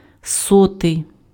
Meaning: hundredth
- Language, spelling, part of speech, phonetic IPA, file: Ukrainian, сотий, adjective, [ˈsɔtei̯], Uk-сотий.ogg